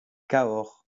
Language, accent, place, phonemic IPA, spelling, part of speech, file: French, France, Lyon, /ka.ɔʁ/, cahors, noun, LL-Q150 (fra)-cahors.wav
- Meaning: a red wine from Cahors